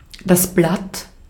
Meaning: 1. leaf (green and flat organ of a plant) 2. leaf (green and flat organ of a plant): petal (one of the parts of the whorl of a flower)
- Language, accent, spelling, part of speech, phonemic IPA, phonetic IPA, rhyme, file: German, Austria, Blatt, noun, /blat/, [blät], -at, De-at-Blatt.ogg